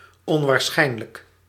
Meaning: improbable, unlikely, implausible
- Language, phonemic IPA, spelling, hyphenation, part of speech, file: Dutch, /ˌɔn.ʋaːrˈsxɛi̯n.lək/, onwaarschijnlijk, on‧waar‧schijn‧lijk, adjective, Nl-onwaarschijnlijk.ogg